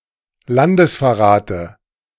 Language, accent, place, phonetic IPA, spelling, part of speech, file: German, Germany, Berlin, [ˈlandəsfɛɐ̯ˌʁaːtə], Landesverrate, noun, De-Landesverrate.ogg
- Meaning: dative singular of Landesverrat